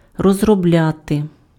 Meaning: 1. to develop, to elaborate, to work out, to work up 2. to exploit, to work (:mine, deposit)
- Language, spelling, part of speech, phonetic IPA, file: Ukrainian, розробляти, verb, [rɔzrɔˈblʲate], Uk-розробляти.ogg